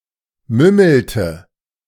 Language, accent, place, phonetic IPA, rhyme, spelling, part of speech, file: German, Germany, Berlin, [ˈmʏml̩tə], -ʏml̩tə, mümmelte, verb, De-mümmelte.ogg
- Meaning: inflection of mümmeln: 1. first/third-person singular preterite 2. first/third-person singular subjunctive II